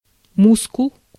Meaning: 1. muscle 2. MySQL (database)
- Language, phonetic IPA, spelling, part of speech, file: Russian, [ˈmuskʊɫ], мускул, noun, Ru-мускул.ogg